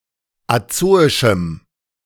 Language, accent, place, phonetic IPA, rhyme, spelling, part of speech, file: German, Germany, Berlin, [aˈt͡soːɪʃm̩], -oːɪʃm̩, azoischem, adjective, De-azoischem.ogg
- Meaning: strong dative masculine/neuter singular of azoisch